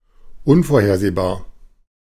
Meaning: unpredictable, unforeseeable
- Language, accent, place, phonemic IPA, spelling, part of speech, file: German, Germany, Berlin, /ˈʊnfoːɐ̯ˌheːɐ̯zeːbaːɐ̯/, unvorhersehbar, adjective, De-unvorhersehbar.ogg